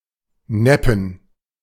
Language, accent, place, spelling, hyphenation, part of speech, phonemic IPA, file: German, Germany, Berlin, neppen, nep‧pen, verb, /ˈnɛpn̩/, De-neppen.ogg
- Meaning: to rip off